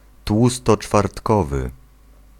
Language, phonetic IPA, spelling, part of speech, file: Polish, [ˌtwustɔt͡ʃfartˈkɔvɨ], tłustoczwartkowy, adjective, Pl-tłustoczwartkowy.ogg